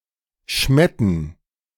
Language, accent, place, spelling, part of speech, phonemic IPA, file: German, Germany, Berlin, Schmetten, noun, /ʃmɛ.tn̩/, De-Schmetten.ogg
- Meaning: cream